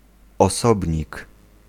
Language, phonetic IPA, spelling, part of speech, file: Polish, [ɔˈsɔbʲɲik], osobnik, noun, Pl-osobnik.ogg